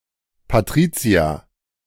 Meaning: a female given name, equivalent to English Patricia
- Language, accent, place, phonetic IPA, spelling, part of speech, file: German, Germany, Berlin, [paˈtʁiːtsi̯a], Patricia, proper noun, De-Patricia.ogg